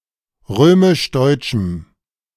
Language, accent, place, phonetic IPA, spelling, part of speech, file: German, Germany, Berlin, [ˈʁøːmɪʃˈdɔɪ̯t͡ʃm̩], römisch-deutschem, adjective, De-römisch-deutschem.ogg
- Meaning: strong dative masculine/neuter singular of römisch-deutsch